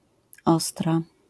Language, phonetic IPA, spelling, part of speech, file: Polish, [ˈɔstra], ostra, adjective, LL-Q809 (pol)-ostra.wav